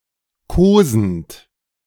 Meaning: present participle of kosen
- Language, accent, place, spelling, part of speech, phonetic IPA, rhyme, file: German, Germany, Berlin, kosend, verb, [ˈkoːzn̩t], -oːzn̩t, De-kosend.ogg